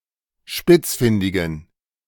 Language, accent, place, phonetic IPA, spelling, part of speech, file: German, Germany, Berlin, [ˈʃpɪt͡sˌfɪndɪɡn̩], spitzfindigen, adjective, De-spitzfindigen.ogg
- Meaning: inflection of spitzfindig: 1. strong genitive masculine/neuter singular 2. weak/mixed genitive/dative all-gender singular 3. strong/weak/mixed accusative masculine singular 4. strong dative plural